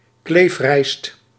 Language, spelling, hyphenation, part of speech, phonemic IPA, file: Dutch, kleefrijst, kleef‧rijst, noun, /ˈkleːf.rɛi̯st/, Nl-kleefrijst.ogg
- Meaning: glutinous rice, sticky rice; Oryza sativa var. glutinosa